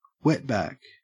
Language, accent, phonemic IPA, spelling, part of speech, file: English, Australia, /ˈwɛtbæk/, wetback, noun, En-au-wetback.ogg
- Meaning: 1. A Mexican or Central American who illegally enters the United States of America from its southern border 2. A person of the mestizo race; a mojado